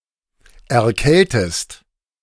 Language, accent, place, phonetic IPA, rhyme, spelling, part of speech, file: German, Germany, Berlin, [ɛɐ̯ˈkɛltəst], -ɛltəst, erkältest, verb, De-erkältest.ogg
- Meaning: inflection of erkälten: 1. second-person singular present 2. second-person singular subjunctive I